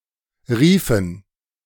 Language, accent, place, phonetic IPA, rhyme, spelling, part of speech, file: German, Germany, Berlin, [ˈʁiːfn̩], -iːfn̩, Riefen, noun, De-Riefen.ogg
- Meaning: plural of Riefe